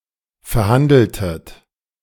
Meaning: inflection of verhandeln: 1. second-person plural preterite 2. second-person plural subjunctive II
- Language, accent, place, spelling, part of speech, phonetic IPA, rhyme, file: German, Germany, Berlin, verhandeltet, verb, [fɛɐ̯ˈhandl̩tət], -andl̩tət, De-verhandeltet.ogg